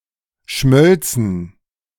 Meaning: first/third-person plural subjunctive II of schmelzen
- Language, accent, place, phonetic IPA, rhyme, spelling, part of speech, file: German, Germany, Berlin, [ˈʃmœlt͡sn̩], -œlt͡sn̩, schmölzen, verb, De-schmölzen.ogg